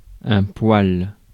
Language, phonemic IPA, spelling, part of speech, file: French, /pwal/, poil, noun, Fr-poil.ogg
- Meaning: 1. hair (on the body) 2. bristle (on a brush)